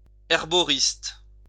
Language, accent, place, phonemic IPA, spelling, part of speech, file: French, France, Lyon, /ɛʁ.bɔ.ʁist/, herboriste, noun, LL-Q150 (fra)-herboriste.wav
- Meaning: herbalist